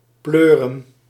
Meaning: 1. to fling or hurl, to throw forcefully 2. to insert with force 3. to plunge, to fall with noise 4. to rain hard
- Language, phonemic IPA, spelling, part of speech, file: Dutch, /ˈpløː.rə(n)/, pleuren, verb, Nl-pleuren.ogg